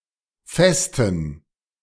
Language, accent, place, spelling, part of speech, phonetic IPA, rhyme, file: German, Germany, Berlin, Vesten, noun, [ˈfɛstn̩], -ɛstn̩, De-Vesten.ogg
- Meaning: plural of Veste